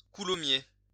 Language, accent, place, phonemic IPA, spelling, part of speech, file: French, France, Lyon, /ku.lɔ.mje/, coulommiers, noun, LL-Q150 (fra)-coulommiers.wav
- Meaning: a soft ripened cow cheese from Coulommiers, Seine-et-Marne